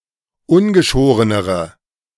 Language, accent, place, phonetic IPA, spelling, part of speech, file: German, Germany, Berlin, [ˈʊnɡəˌʃoːʁənəʁə], ungeschorenere, adjective, De-ungeschorenere.ogg
- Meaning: inflection of ungeschoren: 1. strong/mixed nominative/accusative feminine singular comparative degree 2. strong nominative/accusative plural comparative degree